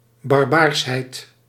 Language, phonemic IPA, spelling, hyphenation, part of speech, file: Dutch, /ˌbɑrˈbaːrs.ɦɛi̯t/, barbaarsheid, bar‧baars‧heid, noun, Nl-barbaarsheid.ogg
- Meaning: barbarity, barbarousness